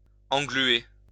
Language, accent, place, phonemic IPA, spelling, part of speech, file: French, France, Lyon, /ɑ̃.ɡly.e/, engluer, verb, LL-Q150 (fra)-engluer.wav
- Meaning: 1. to birdlime 2. to get bogged down